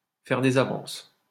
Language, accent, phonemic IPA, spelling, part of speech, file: French, France, /fɛʁ de.z‿a.vɑ̃s/, faire des avances, verb, LL-Q150 (fra)-faire des avances.wav
- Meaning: to put the make on, to put the moves on